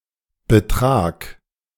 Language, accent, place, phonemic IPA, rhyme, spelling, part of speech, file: German, Germany, Berlin, /bəˈtʁaːk/, -aːk, betrag, verb, De-betrag.ogg
- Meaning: 1. singular imperative of betragen 2. first-person singular present of betragen